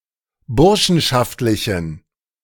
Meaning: inflection of burschenschaftlich: 1. strong genitive masculine/neuter singular 2. weak/mixed genitive/dative all-gender singular 3. strong/weak/mixed accusative masculine singular
- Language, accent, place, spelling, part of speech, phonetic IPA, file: German, Germany, Berlin, burschenschaftlichen, adjective, [ˈbʊʁʃn̩ʃaftlɪçn̩], De-burschenschaftlichen.ogg